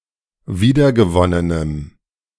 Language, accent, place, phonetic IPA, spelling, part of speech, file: German, Germany, Berlin, [ˈviːdɐɡəˌvɔnənəm], wiedergewonnenem, adjective, De-wiedergewonnenem.ogg
- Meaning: strong dative masculine/neuter singular of wiedergewonnen